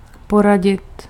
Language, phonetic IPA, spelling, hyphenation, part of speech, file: Czech, [ˈporaɟɪt], poradit, po‧ra‧dit, verb, Cs-poradit.ogg
- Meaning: 1. to advise 2. to advise, to give advice 3. to manage, to handle, to cope 4. to confer, to consult